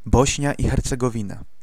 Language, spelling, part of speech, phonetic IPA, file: Polish, Bośnia i Hercegowina, proper noun, [ˈbɔɕɲa ˌi‿xɛrt͡sɛɡɔˈvʲĩna], Pl-Bośnia i Hercegowina.ogg